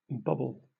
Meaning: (noun) 1. A furry ball attached on top of a hat 2. Elasticated band used for securing hair (for instance in a ponytail), a hair tie
- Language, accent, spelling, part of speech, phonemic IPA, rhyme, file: English, Southern England, bobble, noun / verb, /ˈbɒbəl/, -ɒbəl, LL-Q1860 (eng)-bobble.wav